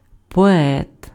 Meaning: poet
- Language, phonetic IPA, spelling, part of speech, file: Ukrainian, [pɔˈɛt], поет, noun, Uk-поет.ogg